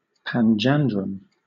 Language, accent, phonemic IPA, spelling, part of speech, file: English, Southern England, /pænˈd͡ʒæn.dɹəm/, panjandrum, noun, LL-Q1860 (eng)-panjandrum.wav
- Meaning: 1. An important, powerful or influential person; muckamuck 2. A self-important or pretentious person